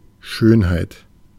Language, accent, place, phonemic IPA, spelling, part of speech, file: German, Germany, Berlin, /ˈʃøːn.haɪ̯t/, Schönheit, noun, De-Schönheit.ogg
- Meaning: beauty, beautifulness